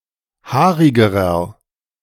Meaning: inflection of haarig: 1. strong/mixed nominative masculine singular comparative degree 2. strong genitive/dative feminine singular comparative degree 3. strong genitive plural comparative degree
- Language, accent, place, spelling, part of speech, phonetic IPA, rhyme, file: German, Germany, Berlin, haarigerer, adjective, [ˈhaːʁɪɡəʁɐ], -aːʁɪɡəʁɐ, De-haarigerer.ogg